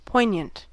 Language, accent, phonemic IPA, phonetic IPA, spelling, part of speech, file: English, US, /ˈpɔɪ.njənt/, [ˈpɔɪɲ.ənt], poignant, adjective, En-us-poignant.ogg
- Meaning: 1. Sharp-pointed; keen 2. Neat; eloquent; applicable; relevant 3. Evoking strong mental sensation, to the point of distress; emotionally moving 4. Piquant, pungent 5. Incisive; penetrating; piercing